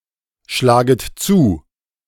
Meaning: second-person plural subjunctive I of zuschlagen
- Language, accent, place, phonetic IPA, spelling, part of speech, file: German, Germany, Berlin, [ˌʃlaːɡət ˈt͡suː], schlaget zu, verb, De-schlaget zu.ogg